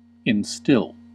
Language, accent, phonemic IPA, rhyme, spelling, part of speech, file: English, US, /ɪnˈstɪl/, -ɪl, instill, verb, En-us-instill.ogg
- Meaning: 1. To cause a quality to become part of someone's nature 2. To pour in (medicine, for example) drop by drop